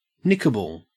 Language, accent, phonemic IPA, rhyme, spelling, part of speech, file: English, Australia, /ˈnɪkəbəl/, -ɪkəbəl, nickable, adjective, En-au-nickable.ogg
- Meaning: 1. Capable of being nicked (given a small cut or clip) 2. Liable to be stolen